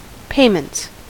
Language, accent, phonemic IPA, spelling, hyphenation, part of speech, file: English, US, /ˈpeɪmənts/, payments, pay‧ments, noun, En-us-payments.ogg
- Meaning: plural of payment